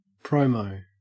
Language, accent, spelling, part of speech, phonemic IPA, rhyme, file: English, Australia, promo, noun / verb, /ˈpɹəʊməʊ/, -əʊməʊ, En-au-promo.ogg
- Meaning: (noun) 1. Clipping of promotion 2. an interview or monologue intended to promote a character or an upcoming match